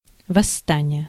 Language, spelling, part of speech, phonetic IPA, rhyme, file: Russian, восстание, noun, [vɐsːˈtanʲɪje], -anʲɪje, Ru-восстание.ogg
- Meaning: rebellion, revolt, insurgency (organized resistance against a political authority)